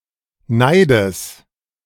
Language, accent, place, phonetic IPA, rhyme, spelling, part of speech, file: German, Germany, Berlin, [ˈnaɪ̯dəs], -aɪ̯dəs, Neides, noun, De-Neides.ogg
- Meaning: genitive singular of Neid